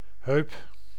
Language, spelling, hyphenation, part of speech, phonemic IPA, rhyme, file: Dutch, heup, heup, noun, /ɦøːp/, -øːp, Nl-heup.ogg
- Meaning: hip